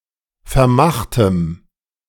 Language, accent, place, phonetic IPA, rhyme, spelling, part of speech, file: German, Germany, Berlin, [fɛɐ̯ˈmaxtəm], -axtəm, vermachtem, adjective, De-vermachtem.ogg
- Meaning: strong dative masculine/neuter singular of vermacht